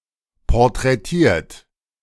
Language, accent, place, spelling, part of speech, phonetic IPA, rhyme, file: German, Germany, Berlin, porträtiert, verb, [pɔʁtʁɛˈtiːɐ̯t], -iːɐ̯t, De-porträtiert.ogg
- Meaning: 1. past participle of porträtieren 2. inflection of porträtieren: third-person singular present 3. inflection of porträtieren: second-person plural present